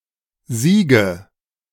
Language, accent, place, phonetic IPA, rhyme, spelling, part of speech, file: German, Germany, Berlin, [ˈziːɡə], -iːɡə, Siege, noun, De-Siege.ogg
- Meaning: nominative/accusative/genitive plural of Sieg